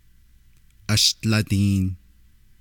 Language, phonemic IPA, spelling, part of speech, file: Navajo, /ʔɑ̀ʃt͡lɑ̀tìːn/, ashdladiin, numeral, Nv-ashdladiin.ogg
- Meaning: fifty